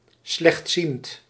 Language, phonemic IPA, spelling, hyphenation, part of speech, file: Dutch, /slɛxtˈsint/, slechtziend, slecht‧ziend, adjective, Nl-slechtziend.ogg
- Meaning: having poor vision, visually impaired